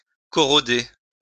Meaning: to corrode (to have corrosive action)
- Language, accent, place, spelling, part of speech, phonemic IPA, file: French, France, Lyon, corroder, verb, /kɔ.ʁɔ.de/, LL-Q150 (fra)-corroder.wav